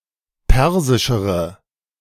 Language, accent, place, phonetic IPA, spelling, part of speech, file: German, Germany, Berlin, [ˈpɛʁzɪʃəʁə], persischere, adjective, De-persischere.ogg
- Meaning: inflection of persisch: 1. strong/mixed nominative/accusative feminine singular comparative degree 2. strong nominative/accusative plural comparative degree